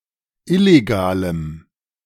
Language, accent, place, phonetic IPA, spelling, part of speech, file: German, Germany, Berlin, [ˈɪleɡaːləm], illegalem, adjective, De-illegalem.ogg
- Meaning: strong dative masculine/neuter singular of illegal